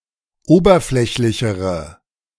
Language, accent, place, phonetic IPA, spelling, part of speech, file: German, Germany, Berlin, [ˈoːbɐˌflɛçlɪçəʁə], oberflächlichere, adjective, De-oberflächlichere.ogg
- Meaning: inflection of oberflächlich: 1. strong/mixed nominative/accusative feminine singular comparative degree 2. strong nominative/accusative plural comparative degree